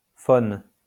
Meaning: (noun) 1. phon (a unit of apparent loudness) 2. phone; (verb) inflection of phoner: 1. first/third-person singular present indicative/subjunctive 2. second-person singular imperative
- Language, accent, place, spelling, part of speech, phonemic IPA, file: French, France, Lyon, phone, noun / verb, /fɔn/, LL-Q150 (fra)-phone.wav